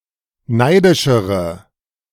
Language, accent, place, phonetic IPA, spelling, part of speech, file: German, Germany, Berlin, [ˈnaɪ̯dɪʃəʁə], neidischere, adjective, De-neidischere.ogg
- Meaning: inflection of neidisch: 1. strong/mixed nominative/accusative feminine singular comparative degree 2. strong nominative/accusative plural comparative degree